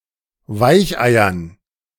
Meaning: dative plural of Weichei
- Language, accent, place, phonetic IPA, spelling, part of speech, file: German, Germany, Berlin, [ˈvaɪ̯çʔaɪ̯ɐn], Weicheiern, noun, De-Weicheiern.ogg